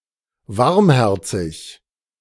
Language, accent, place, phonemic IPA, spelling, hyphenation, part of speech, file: German, Germany, Berlin, /ˈvaʁmˌhɛʁt͡sɪç/, warmherzig, warm‧her‧zig, adjective, De-warmherzig.ogg
- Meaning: warm-hearted